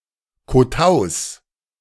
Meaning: plural of Kotau
- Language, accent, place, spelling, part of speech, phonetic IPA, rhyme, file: German, Germany, Berlin, Kotaus, noun, [koˈtaʊ̯s], -aʊ̯s, De-Kotaus.ogg